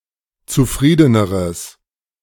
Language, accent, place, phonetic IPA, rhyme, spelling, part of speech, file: German, Germany, Berlin, [t͡suˈfʁiːdənəʁəs], -iːdənəʁəs, zufriedeneres, adjective, De-zufriedeneres.ogg
- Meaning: strong/mixed nominative/accusative neuter singular comparative degree of zufrieden